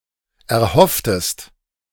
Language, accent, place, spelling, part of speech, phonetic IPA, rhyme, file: German, Germany, Berlin, erhofftest, verb, [ɛɐ̯ˈhɔftəst], -ɔftəst, De-erhofftest.ogg
- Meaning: inflection of erhoffen: 1. second-person singular preterite 2. second-person singular subjunctive II